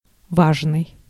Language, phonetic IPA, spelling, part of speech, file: Russian, [ˈvaʐnɨj], важный, adjective, Ru-важный.ogg
- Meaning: 1. important 2. proud, majestic, imposing (important-looking or -seeming)